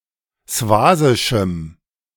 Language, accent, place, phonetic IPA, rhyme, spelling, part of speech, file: German, Germany, Berlin, [ˈsvaːzɪʃm̩], -aːzɪʃm̩, swasischem, adjective, De-swasischem.ogg
- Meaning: strong dative masculine/neuter singular of swasisch